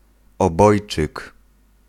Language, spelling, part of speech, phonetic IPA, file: Polish, obojczyk, noun, [ɔˈbɔjt͡ʃɨk], Pl-obojczyk.ogg